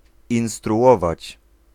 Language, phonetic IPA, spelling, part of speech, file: Polish, [ˌĩw̃struˈʷɔvat͡ɕ], instruować, verb, Pl-instruować.ogg